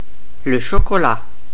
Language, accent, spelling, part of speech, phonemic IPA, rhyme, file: French, Belgium, chocolat, adjective / noun, /ʃɔ.kɔ.la/, -a, Fr-Le-chocolat.ogg
- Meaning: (adjective) 1. chocolate; chocolate-coloured 2. deceived; tricked; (noun) 1. chocolate 2. hot chocolate